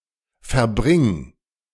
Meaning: singular imperative of verbringen
- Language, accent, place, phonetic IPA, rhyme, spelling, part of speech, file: German, Germany, Berlin, [fɛɐ̯ˈbʁɪŋ], -ɪŋ, verbring, verb, De-verbring.ogg